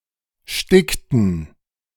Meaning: inflection of sticken: 1. first/third-person plural preterite 2. first/third-person plural subjunctive II
- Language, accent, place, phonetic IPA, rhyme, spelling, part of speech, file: German, Germany, Berlin, [ˈʃtɪktn̩], -ɪktn̩, stickten, verb, De-stickten.ogg